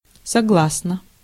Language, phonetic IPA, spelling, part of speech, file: Russian, [sɐˈɡɫasnə], согласно, preposition / adjective / adverb, Ru-согласно.ogg
- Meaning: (preposition) according to, as to; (adjective) short neuter singular of согла́сный (soglásnyj); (adverb) 1. harmoniously 2. in agreement